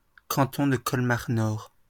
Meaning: Nord (a department of Hauts-de-France, France)
- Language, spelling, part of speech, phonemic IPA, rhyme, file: French, Nord, proper noun, /nɔʁ/, -ɔʁ, LL-Q150 (fra)-Nord.wav